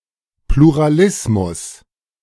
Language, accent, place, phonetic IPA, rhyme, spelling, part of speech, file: German, Germany, Berlin, [pluʁaˈlɪsmʊs], -ɪsmʊs, Pluralismus, noun, De-Pluralismus.ogg
- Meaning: pluralism